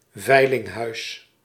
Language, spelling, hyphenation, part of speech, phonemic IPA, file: Dutch, veilinghuis, vei‧ling‧huis, noun, /ˈvɛi̯.lɪŋˌɦœy̯s/, Nl-veilinghuis.ogg
- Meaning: auction house